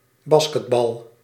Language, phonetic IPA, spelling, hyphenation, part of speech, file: Dutch, [ˈbɑ(ː)s.kət.bɑl], basketbal, bas‧ket‧bal, noun, Nl-basketbal.ogg
- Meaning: 1. basketball (the sport) 2. basketball (the ball)